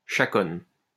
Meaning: chaconne
- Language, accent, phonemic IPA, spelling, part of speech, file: French, France, /ʃa.kɔn/, chaconne, noun, LL-Q150 (fra)-chaconne.wav